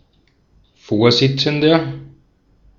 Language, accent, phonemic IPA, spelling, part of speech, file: German, Austria, /ˈfoːɐ̯ˌzɪt͡sn̩dɐ/, Vorsitzender, noun, De-at-Vorsitzender.ogg
- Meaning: 1. chairman, chairperson, chair, board chairman (male or of unspecified gender) 2. president (male or of unspecified gender)